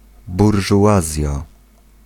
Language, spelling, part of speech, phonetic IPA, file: Polish, burżuazja, noun, [ˌburʒuˈʷazʲja], Pl-burżuazja.ogg